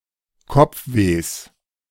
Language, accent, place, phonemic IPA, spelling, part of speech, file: German, Germany, Berlin, /ˈkɔp͡fˌveːs/, Kopfwehs, noun, De-Kopfwehs.ogg
- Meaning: genitive singular of Kopfweh